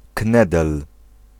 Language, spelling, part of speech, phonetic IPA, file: Polish, knedel, noun, [ˈknɛdɛl], Pl-knedel.ogg